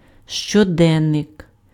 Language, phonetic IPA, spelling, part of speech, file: Ukrainian, [ʃt͡ʃɔˈdɛnːek], щоденник, noun, Uk-щоденник.ogg
- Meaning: 1. diary 2. daybook